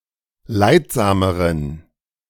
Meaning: inflection of leidsam: 1. strong genitive masculine/neuter singular comparative degree 2. weak/mixed genitive/dative all-gender singular comparative degree
- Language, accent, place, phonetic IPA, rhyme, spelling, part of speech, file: German, Germany, Berlin, [ˈlaɪ̯tˌzaːməʁən], -aɪ̯tzaːməʁən, leidsameren, adjective, De-leidsameren.ogg